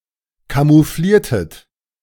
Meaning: inflection of camouflieren: 1. second-person plural preterite 2. second-person plural subjunctive II
- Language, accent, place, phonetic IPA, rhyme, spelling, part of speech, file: German, Germany, Berlin, [kamuˈfliːɐ̯tət], -iːɐ̯tət, camoufliertet, verb, De-camoufliertet.ogg